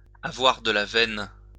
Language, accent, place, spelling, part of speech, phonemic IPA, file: French, France, Lyon, avoir de la veine, verb, /a.vwaʁ də la vɛn/, LL-Q150 (fra)-avoir de la veine.wav
- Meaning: to be lucky, to be jammy, to be fortunate